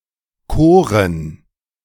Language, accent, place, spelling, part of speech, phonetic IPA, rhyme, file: German, Germany, Berlin, Koren, noun, [ˈkoːʁən], -oːʁən, De-Koren.ogg
- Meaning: plural of Kore